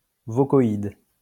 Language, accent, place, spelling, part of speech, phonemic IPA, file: French, France, Lyon, vocoïde, noun, /vɔ.kɔ.id/, LL-Q150 (fra)-vocoïde.wav
- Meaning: vocoid, phonetic vowel as opposed as a phonemic one